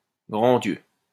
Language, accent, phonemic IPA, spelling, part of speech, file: French, France, /ɡʁɑ̃ djø/, grands dieux, interjection, LL-Q150 (fra)-grands dieux.wav
- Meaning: good heavens! good grief! goodness me!